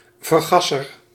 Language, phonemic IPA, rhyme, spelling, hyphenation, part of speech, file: Dutch, /vərˈɣɑ.sər/, -ɑsər, vergasser, ver‧gas‧ser, noun, Nl-vergasser.ogg
- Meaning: 1. carburetor, carburettor 2. gas burner of a lamp or heating device